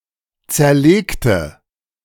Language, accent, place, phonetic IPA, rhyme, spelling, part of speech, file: German, Germany, Berlin, [ˌt͡sɛɐ̯ˈleːktə], -eːktə, zerlegte, adjective / verb, De-zerlegte.ogg
- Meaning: inflection of zerlegt: 1. strong/mixed nominative/accusative feminine singular 2. strong nominative/accusative plural 3. weak nominative all-gender singular 4. weak accusative feminine/neuter singular